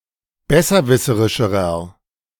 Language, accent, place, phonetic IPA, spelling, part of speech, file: German, Germany, Berlin, [ˈbɛsɐˌvɪsəʁɪʃəʁɐ], besserwisserischerer, adjective, De-besserwisserischerer.ogg
- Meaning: inflection of besserwisserisch: 1. strong/mixed nominative masculine singular comparative degree 2. strong genitive/dative feminine singular comparative degree